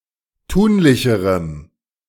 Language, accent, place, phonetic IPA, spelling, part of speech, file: German, Germany, Berlin, [ˈtuːnlɪçəʁəm], tunlicherem, adjective, De-tunlicherem.ogg
- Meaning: strong dative masculine/neuter singular comparative degree of tunlich